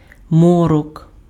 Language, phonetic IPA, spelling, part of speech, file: Ukrainian, [ˈmɔrɔk], морок, noun, Uk-морок.ogg
- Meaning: 1. darkness, murk 2. twilight 3. gloom, hopelessness